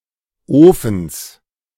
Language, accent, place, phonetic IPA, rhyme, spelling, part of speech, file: German, Germany, Berlin, [ˈoːfn̩s], -oːfn̩s, Ofens, noun, De-Ofens.ogg
- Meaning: genitive singular of Ofen